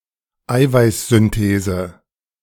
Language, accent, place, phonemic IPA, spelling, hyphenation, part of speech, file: German, Germany, Berlin, /ˈaɪ̯vaɪ̯s.zʏnˌteːzə/, Eiweißsynthese, Ei‧weiß‧syn‧the‧se, noun, De-Eiweißsynthese.ogg
- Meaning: protein synthesis